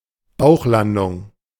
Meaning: belly landing
- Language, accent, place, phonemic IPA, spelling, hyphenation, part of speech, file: German, Germany, Berlin, /ˈbaʊ̯χˌlandʊŋ/, Bauchlandung, Bauch‧lan‧dung, noun, De-Bauchlandung.ogg